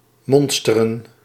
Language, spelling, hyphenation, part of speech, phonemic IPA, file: Dutch, monsteren, mon‧ste‧ren, verb, /ˈmɔnstərə(n)/, Nl-monsteren.ogg
- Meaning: 1. to inspect, to sample 2. to enroll, to be recruited 3. to muster (troops for inspection)